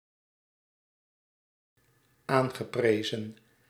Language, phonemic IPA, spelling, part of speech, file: Dutch, /ˈaŋɣəˌprezə(n)/, aangeprezen, verb, Nl-aangeprezen.ogg
- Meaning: past participle of aanprijzen